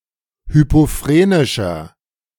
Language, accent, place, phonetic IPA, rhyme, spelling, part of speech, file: German, Germany, Berlin, [ˌhypoˈfʁeːnɪʃɐ], -eːnɪʃɐ, hypophrenischer, adjective, De-hypophrenischer.ogg
- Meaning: inflection of hypophrenisch: 1. strong/mixed nominative masculine singular 2. strong genitive/dative feminine singular 3. strong genitive plural